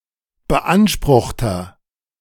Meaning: inflection of beansprucht: 1. strong/mixed nominative masculine singular 2. strong genitive/dative feminine singular 3. strong genitive plural
- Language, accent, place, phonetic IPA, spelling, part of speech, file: German, Germany, Berlin, [bəˈʔanʃpʁʊxtɐ], beanspruchter, adjective, De-beanspruchter.ogg